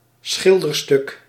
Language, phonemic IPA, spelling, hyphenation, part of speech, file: Dutch, /ˈsxɪl.dərˌstʏk/, schilderstuk, schil‧der‧stuk, noun, Nl-schilderstuk.ogg
- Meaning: painting